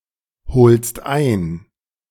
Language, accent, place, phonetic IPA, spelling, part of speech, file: German, Germany, Berlin, [ˌhoːlst ˈaɪ̯n], holst ein, verb, De-holst ein.ogg
- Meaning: second-person singular present of einholen